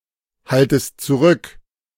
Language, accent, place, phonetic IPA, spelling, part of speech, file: German, Germany, Berlin, [ˌhaltəst t͡suˈʁʏk], haltest zurück, verb, De-haltest zurück.ogg
- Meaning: second-person singular subjunctive I of zurückhalten